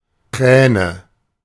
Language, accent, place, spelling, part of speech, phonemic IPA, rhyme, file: German, Germany, Berlin, Kräne, noun, /ˈkrɛːnə/, -ɛːnə, De-Kräne.ogg
- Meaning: nominative/accusative/genitive plural of Kran